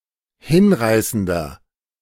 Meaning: 1. comparative degree of hinreißend 2. inflection of hinreißend: strong/mixed nominative masculine singular 3. inflection of hinreißend: strong genitive/dative feminine singular
- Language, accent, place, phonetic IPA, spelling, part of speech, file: German, Germany, Berlin, [ˈhɪnˌʁaɪ̯sn̩dɐ], hinreißender, adjective, De-hinreißender.ogg